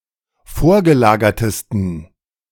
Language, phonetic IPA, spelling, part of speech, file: German, [ˈfoːɐ̯ɡəˌlaːɡɐtəstn̩], vorgelagertesten, adjective, De-vorgelagertesten.ogg